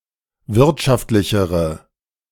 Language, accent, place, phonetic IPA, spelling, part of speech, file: German, Germany, Berlin, [ˈvɪʁtʃaftlɪçəʁə], wirtschaftlichere, adjective, De-wirtschaftlichere.ogg
- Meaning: inflection of wirtschaftlich: 1. strong/mixed nominative/accusative feminine singular comparative degree 2. strong nominative/accusative plural comparative degree